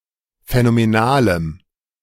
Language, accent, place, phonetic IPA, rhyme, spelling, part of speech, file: German, Germany, Berlin, [fɛnomeˈnaːləm], -aːləm, phänomenalem, adjective, De-phänomenalem.ogg
- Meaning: strong dative masculine/neuter singular of phänomenal